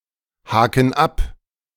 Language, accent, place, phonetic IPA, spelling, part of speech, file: German, Germany, Berlin, [ˌhaːkn̩ ˈap], haken ab, verb, De-haken ab.ogg
- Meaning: inflection of abhaken: 1. first/third-person plural present 2. first/third-person plural subjunctive I